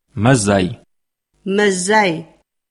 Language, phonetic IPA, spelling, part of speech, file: Adyghe, [mazaːj], мэзай, noun, CircassianMonth2.ogg
- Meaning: February